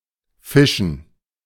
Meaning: 1. gerund of fischen (“to fish”) 2. dative plural of Fisch
- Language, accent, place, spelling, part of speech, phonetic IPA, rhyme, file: German, Germany, Berlin, Fischen, noun / proper noun, [ˈfɪʃn̩], -ɪʃn̩, De-Fischen.ogg